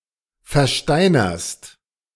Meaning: second-person singular present of versteinern
- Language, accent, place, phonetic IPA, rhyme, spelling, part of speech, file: German, Germany, Berlin, [fɛɐ̯ˈʃtaɪ̯nɐst], -aɪ̯nɐst, versteinerst, verb, De-versteinerst.ogg